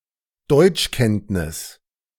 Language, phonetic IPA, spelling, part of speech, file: German, [ˈdɔɪ̯t͡ʃˌkɛntnɪs], Deutschkenntnis, noun, De-Deutschkenntnis.ogg